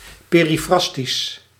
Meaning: periphrastic: 1. using circumlocution, being needlessly long 2. expressing meaning through free morphemes
- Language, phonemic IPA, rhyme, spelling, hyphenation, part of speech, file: Dutch, /ˌpeː.riˈfrɑs.tis/, -ɑstis, perifrastisch, pe‧ri‧fras‧tisch, adjective, Nl-perifrastisch.ogg